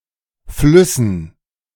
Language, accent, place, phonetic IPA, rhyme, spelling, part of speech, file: German, Germany, Berlin, [ˈflʏsn̩], -ʏsn̩, Flüssen, noun, De-Flüssen.ogg
- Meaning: dative plural of Fluss